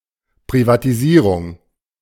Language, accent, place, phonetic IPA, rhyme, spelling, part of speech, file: German, Germany, Berlin, [pʁivatiˈziːʁʊŋ], -iːʁʊŋ, Privatisierung, noun, De-Privatisierung.ogg
- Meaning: privatization